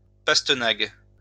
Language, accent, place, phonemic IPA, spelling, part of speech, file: French, France, Lyon, /pas.tə.naɡ/, pastenague, noun, LL-Q150 (fra)-pastenague.wav
- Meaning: stingray